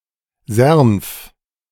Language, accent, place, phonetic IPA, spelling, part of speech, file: German, Germany, Berlin, [zeɐ̯nf], Sernf, proper noun, De-Sernf.ogg
- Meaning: Sernf (a right tributary of the Linth in Glarus canton, Switzerland)